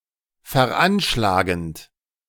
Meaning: present participle of veranschlagen
- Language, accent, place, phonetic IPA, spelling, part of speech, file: German, Germany, Berlin, [fɛɐ̯ˈʔanʃlaːɡn̩t], veranschlagend, verb, De-veranschlagend.ogg